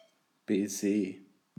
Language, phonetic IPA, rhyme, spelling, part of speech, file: German, [bɛˈzeː], -eː, Baiser, noun, De-Baiser.ogg
- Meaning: meringue